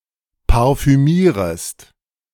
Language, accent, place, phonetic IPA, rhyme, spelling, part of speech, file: German, Germany, Berlin, [paʁfyˈmiːʁəst], -iːʁəst, parfümierest, verb, De-parfümierest.ogg
- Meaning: second-person singular subjunctive I of parfümieren